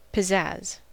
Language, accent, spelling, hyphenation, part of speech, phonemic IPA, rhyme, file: English, General American, pizzazz, pi‧zzazz, noun, /pɪˈzæz/, -æz, En-us-pizzazz.ogg
- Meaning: Flair, vitality, or zest; energy; vigor